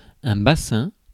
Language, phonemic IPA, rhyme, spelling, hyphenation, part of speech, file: French, /ba.sɛ̃/, -ɛ̃, bassin, bas‧sin, noun, Fr-bassin.ogg
- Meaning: 1. pond, ornamental lake, basin 2. bowl, bedpan 3. basin 4. pelvis (bone) 5. dock